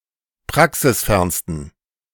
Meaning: 1. superlative degree of praxisfern 2. inflection of praxisfern: strong genitive masculine/neuter singular superlative degree
- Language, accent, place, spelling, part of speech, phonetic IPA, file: German, Germany, Berlin, praxisfernsten, adjective, [ˈpʁaksɪsˌfɛʁnstn̩], De-praxisfernsten.ogg